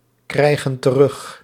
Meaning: inflection of terugkrijgen: 1. plural present indicative 2. plural present subjunctive
- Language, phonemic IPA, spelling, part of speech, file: Dutch, /ˈkrɛiɣə(n) t(ə)ˈrʏx/, krijgen terug, verb, Nl-krijgen terug.ogg